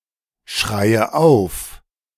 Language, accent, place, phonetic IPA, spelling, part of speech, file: German, Germany, Berlin, [ˌʃʁaɪ̯ə ˈaʊ̯f], schreie auf, verb, De-schreie auf.ogg
- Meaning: inflection of aufschreien: 1. first-person singular present 2. first/third-person singular subjunctive I 3. singular imperative